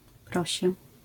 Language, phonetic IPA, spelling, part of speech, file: Polish, [ˈprɔɕɛ], prosię, noun, LL-Q809 (pol)-prosię.wav